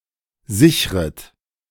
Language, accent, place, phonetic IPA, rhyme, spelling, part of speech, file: German, Germany, Berlin, [ˈzɪçʁət], -ɪçʁət, sichret, verb, De-sichret.ogg
- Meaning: second-person plural subjunctive I of sichern